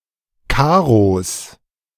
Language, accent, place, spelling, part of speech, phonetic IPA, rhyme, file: German, Germany, Berlin, Karos, noun, [ˈkaːʁos], -aːʁos, De-Karos.ogg
- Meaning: genitive singular of Karo